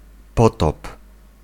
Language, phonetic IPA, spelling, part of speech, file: Polish, [ˈpɔtɔp], potop, noun / verb, Pl-potop.ogg